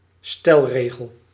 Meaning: a principle
- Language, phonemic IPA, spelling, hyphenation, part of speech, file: Dutch, /ˈstɛlˌreː.ɣəl/, stelregel, stel‧regel, noun, Nl-stelregel.ogg